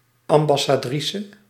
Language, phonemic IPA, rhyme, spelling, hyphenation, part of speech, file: Dutch, /ˌɑm.bɑ.saːˈdri.sə/, -isə, ambassadrice, am‧bas‧sa‧dri‧ce, noun, Nl-ambassadrice.ogg
- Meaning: an ambassadress, female ambassador